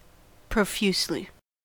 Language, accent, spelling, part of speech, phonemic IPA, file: English, US, profusely, adverb, /pɹəˈfjusli/, En-us-profusely.ogg
- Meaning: In great quantity or abundance; in a profuse manner